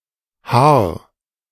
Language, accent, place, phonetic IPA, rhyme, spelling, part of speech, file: German, Germany, Berlin, [haːɐ̯], -aːɐ̯, haar, verb, De-haar.ogg
- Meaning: 1. singular imperative of haaren 2. first-person singular present of haaren